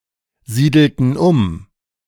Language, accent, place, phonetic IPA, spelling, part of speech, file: German, Germany, Berlin, [ˌziːdl̩tn̩ ˈʊm], siedelten um, verb, De-siedelten um.ogg
- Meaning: inflection of umsiedeln: 1. first/third-person plural preterite 2. first/third-person plural subjunctive II